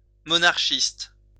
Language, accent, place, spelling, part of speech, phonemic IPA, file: French, France, Lyon, monarchiste, adjective / noun, /mɔ.naʁ.ʃist/, LL-Q150 (fra)-monarchiste.wav
- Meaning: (adjective) monarchist